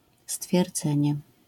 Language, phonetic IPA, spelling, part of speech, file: Polish, [stfʲjɛrˈd͡zɛ̃ɲɛ], stwierdzenie, noun, LL-Q809 (pol)-stwierdzenie.wav